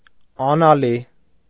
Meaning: 1. without salt, unsalted 2. insipid, vapid
- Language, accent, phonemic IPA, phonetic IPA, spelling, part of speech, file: Armenian, Eastern Armenian, /ɑnɑˈli/, [ɑnɑlí], անալի, adjective, Hy-անալի.ogg